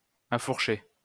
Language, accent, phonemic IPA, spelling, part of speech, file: French, France, /a.fuʁ.ʃe/, affourcher, verb, LL-Q150 (fra)-affourcher.wav
- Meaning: 1. to anchor using the "forked moor" technique 2. to straddle 3. to attach pieces of wood using tongue and groove